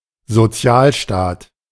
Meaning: welfare state
- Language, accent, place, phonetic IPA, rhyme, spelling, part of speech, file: German, Germany, Berlin, [zoˈt͡si̯aːlˌʃtaːt], -aːlʃtaːt, Sozialstaat, noun, De-Sozialstaat.ogg